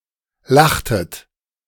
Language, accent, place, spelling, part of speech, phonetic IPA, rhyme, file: German, Germany, Berlin, lachtet, verb, [ˈlaxtət], -axtət, De-lachtet.ogg
- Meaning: inflection of lachen: 1. second-person plural preterite 2. second-person plural subjunctive II